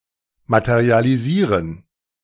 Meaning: to materialize, to materialise (UK)
- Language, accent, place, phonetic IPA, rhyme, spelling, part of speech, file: German, Germany, Berlin, [ˌmatəʁialiˈziːʁən], -iːʁən, materialisieren, verb, De-materialisieren.ogg